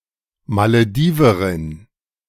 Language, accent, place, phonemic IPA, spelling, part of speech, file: German, Germany, Berlin, /maləˈdiːvɐʁɪn/, Malediverin, noun, De-Malediverin.ogg
- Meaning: Maldivian (female person from the Maldives or of Maldivian descent)